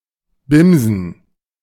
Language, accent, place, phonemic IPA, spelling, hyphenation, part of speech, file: German, Germany, Berlin, /ˈbɪmzn̩/, bimsen, bim‧sen, verb, De-bimsen.ogg
- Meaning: 1. to pumice 2. to study, cram 3. to drill 4. to beat up 5. to have sex